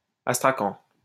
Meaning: astrakhan
- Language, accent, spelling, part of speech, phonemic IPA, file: French, France, astrakan, noun, /as.tʁa.kɑ̃/, LL-Q150 (fra)-astrakan.wav